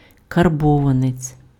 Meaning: karbovanets, ruble
- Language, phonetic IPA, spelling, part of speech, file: Ukrainian, [kɐrˈbɔʋɐnet͡sʲ], карбованець, noun, Uk-карбованець.ogg